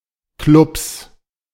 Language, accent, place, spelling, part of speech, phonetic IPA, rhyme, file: German, Germany, Berlin, Clubs, noun, [klʊps], -ʊps, De-Clubs.ogg
- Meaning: 1. genitive singular of Club 2. plural of Club